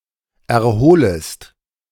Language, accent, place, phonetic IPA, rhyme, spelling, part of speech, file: German, Germany, Berlin, [ɛɐ̯ˈhoːləst], -oːləst, erholest, verb, De-erholest.ogg
- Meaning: second-person singular subjunctive I of erholen